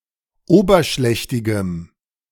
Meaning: strong dative masculine/neuter singular of oberschlächtig
- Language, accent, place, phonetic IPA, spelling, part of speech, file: German, Germany, Berlin, [ˈoːbɐˌʃlɛçtɪɡəm], oberschlächtigem, adjective, De-oberschlächtigem.ogg